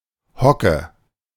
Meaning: squat, crouch (position assumed by bending deeply at the knees while resting on one's feet)
- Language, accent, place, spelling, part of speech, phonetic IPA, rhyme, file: German, Germany, Berlin, Hocke, noun, [ˈhɔkə], -ɔkə, De-Hocke.ogg